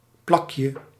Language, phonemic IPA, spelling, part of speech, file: Dutch, /ˈplɑkjə/, plakje, noun, Nl-plakje.ogg
- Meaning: diminutive of plak